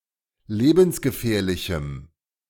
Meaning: strong dative masculine/neuter singular of lebensgefährlich
- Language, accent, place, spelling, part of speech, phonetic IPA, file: German, Germany, Berlin, lebensgefährlichem, adjective, [ˈleːbn̩sɡəˌfɛːɐ̯lɪçm̩], De-lebensgefährlichem.ogg